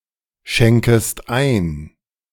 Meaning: second-person singular subjunctive I of einschenken
- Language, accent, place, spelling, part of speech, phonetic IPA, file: German, Germany, Berlin, schenkest ein, verb, [ˌʃɛŋkəst ˈaɪ̯n], De-schenkest ein.ogg